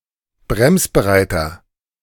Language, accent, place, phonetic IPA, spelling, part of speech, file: German, Germany, Berlin, [ˈbʁɛmsbəˌʁaɪ̯tɐ], bremsbereiter, adjective, De-bremsbereiter.ogg
- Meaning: inflection of bremsbereit: 1. strong/mixed nominative masculine singular 2. strong genitive/dative feminine singular 3. strong genitive plural